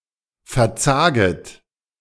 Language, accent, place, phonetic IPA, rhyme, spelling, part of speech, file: German, Germany, Berlin, [fɛɐ̯ˈt͡saːɡət], -aːɡət, verzaget, verb, De-verzaget.ogg
- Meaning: second-person plural subjunctive I of verzagen